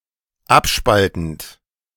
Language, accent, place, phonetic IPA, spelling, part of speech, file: German, Germany, Berlin, [ˈapˌʃpaltn̩t], abspaltend, verb, De-abspaltend.ogg
- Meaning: present participle of abspalten